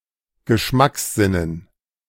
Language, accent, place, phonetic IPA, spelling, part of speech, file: German, Germany, Berlin, [ɡəˈʃmaksˌzɪnən], Geschmackssinnen, noun, De-Geschmackssinnen.ogg
- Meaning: dative plural of Geschmackssinn